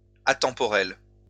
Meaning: atemporal
- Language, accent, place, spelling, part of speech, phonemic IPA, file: French, France, Lyon, atemporel, adjective, /a.tɑ̃.pɔ.ʁɛl/, LL-Q150 (fra)-atemporel.wav